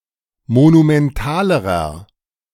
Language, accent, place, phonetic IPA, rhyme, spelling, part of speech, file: German, Germany, Berlin, [monumɛnˈtaːləʁɐ], -aːləʁɐ, monumentalerer, adjective, De-monumentalerer.ogg
- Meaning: inflection of monumental: 1. strong/mixed nominative masculine singular comparative degree 2. strong genitive/dative feminine singular comparative degree 3. strong genitive plural comparative degree